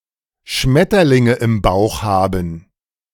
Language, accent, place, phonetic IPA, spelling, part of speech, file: German, Germany, Berlin, [ˈʃmɛtɐlɪŋə ɪm baʊ̯x ˈhaːbn̩], Schmetterlinge im Bauch haben, phrase, De-Schmetterlinge im Bauch haben.ogg
- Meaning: to have butterflies in one's stomach (be in love or happy)